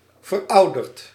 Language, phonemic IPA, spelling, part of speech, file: Dutch, /vərˈɑudərt/, verouderd, adjective / verb, Nl-verouderd.ogg
- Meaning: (verb) past participle of verouderen; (adjective) obsolete